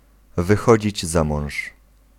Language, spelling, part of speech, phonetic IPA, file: Polish, wychodzić za mąż, phrase, [vɨˈxɔd͡ʑid͡ʑ ˈza‿mɔ̃w̃ʃ], Pl-wychodzić za mąż.ogg